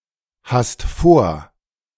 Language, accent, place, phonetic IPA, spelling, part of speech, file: German, Germany, Berlin, [ˌhast ˈfoːɐ̯], hast vor, verb, De-hast vor.ogg
- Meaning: second-person singular present of vorhaben